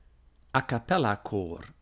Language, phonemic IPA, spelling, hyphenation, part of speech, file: Dutch, /aː.kɑˈpɛ.laːˌkoːr/, a-capellakoor, a-ca‧pel‧la‧koor, noun, Nl-a-capellakoor.ogg
- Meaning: a cappella choir